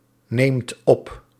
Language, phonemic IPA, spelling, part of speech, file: Dutch, /ˈnemt ˈɔp/, neemt op, verb, Nl-neemt op.ogg
- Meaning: inflection of opnemen: 1. second/third-person singular present indicative 2. plural imperative